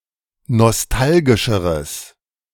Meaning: strong/mixed nominative/accusative neuter singular comparative degree of nostalgisch
- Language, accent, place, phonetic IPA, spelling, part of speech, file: German, Germany, Berlin, [nɔsˈtalɡɪʃəʁəs], nostalgischeres, adjective, De-nostalgischeres.ogg